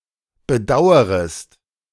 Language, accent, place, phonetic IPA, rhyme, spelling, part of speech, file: German, Germany, Berlin, [bəˈdaʊ̯əʁəst], -aʊ̯əʁəst, bedauerest, verb, De-bedauerest.ogg
- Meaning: second-person singular subjunctive I of bedauern